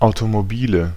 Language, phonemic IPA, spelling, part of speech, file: German, /aʊ̯tomoˈbiːlə/, Automobile, noun, De-Automobile.ogg
- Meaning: nominative/accusative/genitive plural of Automobil